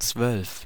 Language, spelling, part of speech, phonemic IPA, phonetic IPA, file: German, zwölf, numeral, /t͡svœlf/, [t͡sʋœlf], De-zwölf.ogg
- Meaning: twelve